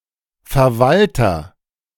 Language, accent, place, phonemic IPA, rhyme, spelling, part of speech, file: German, Germany, Berlin, /fɛɐ̯ˈvaltɐ/, -altɐ, Verwalter, noun, De-Verwalter.ogg
- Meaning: administrator